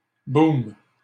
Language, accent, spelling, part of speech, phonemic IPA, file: French, Canada, boom, noun, /bum/, LL-Q150 (fra)-boom.wav
- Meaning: boom (rapid expansion or increase)